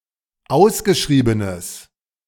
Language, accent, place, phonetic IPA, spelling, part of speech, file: German, Germany, Berlin, [ˈaʊ̯sɡəˌʃʁiːbənəs], ausgeschriebenes, adjective, De-ausgeschriebenes.ogg
- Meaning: strong/mixed nominative/accusative neuter singular of ausgeschrieben